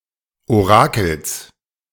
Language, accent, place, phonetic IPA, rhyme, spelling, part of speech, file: German, Germany, Berlin, [oˈʁaːkl̩s], -aːkl̩s, Orakels, noun, De-Orakels.ogg
- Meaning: genitive singular of Orakel